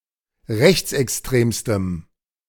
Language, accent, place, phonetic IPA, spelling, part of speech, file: German, Germany, Berlin, [ˈʁɛçt͡sʔɛksˌtʁeːmstəm], rechtsextremstem, adjective, De-rechtsextremstem.ogg
- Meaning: strong dative masculine/neuter singular superlative degree of rechtsextrem